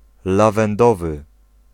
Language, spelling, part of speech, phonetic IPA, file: Polish, lawendowy, adjective, [ˌlavɛ̃nˈdɔvɨ], Pl-lawendowy.ogg